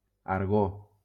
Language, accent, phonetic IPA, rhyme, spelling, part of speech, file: Catalan, Valencia, [aɾˈɣo], -o, argó, noun, LL-Q7026 (cat)-argó.wav
- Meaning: argon